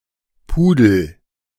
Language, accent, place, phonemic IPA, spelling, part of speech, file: German, Germany, Berlin, /ˈpuːdl̩/, Pudel, noun, De-Pudel.ogg
- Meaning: poodle